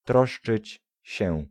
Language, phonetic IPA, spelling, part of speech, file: Polish, [ˈtrɔʃt͡ʃɨt͡ɕ‿ɕɛ], troszczyć się, verb, Pl-troszczyć się.ogg